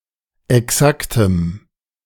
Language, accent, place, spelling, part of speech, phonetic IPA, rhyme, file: German, Germany, Berlin, exaktem, adjective, [ɛˈksaktəm], -aktəm, De-exaktem.ogg
- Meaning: strong dative masculine/neuter singular of exakt